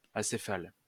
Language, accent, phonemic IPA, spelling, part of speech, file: French, France, /a.se.fal/, acéphale, adjective / noun, LL-Q150 (fra)-acéphale.wav
- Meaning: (adjective) 1. acephalous, headless 2. headless, leaderless; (noun) acephal, acephalan